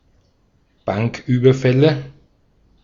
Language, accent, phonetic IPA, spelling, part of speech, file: German, Austria, [ˈbaŋkˌʔyːbɐfɛlə], Banküberfälle, noun, De-at-Banküberfälle.ogg
- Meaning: nominative/accusative/genitive plural of Banküberfall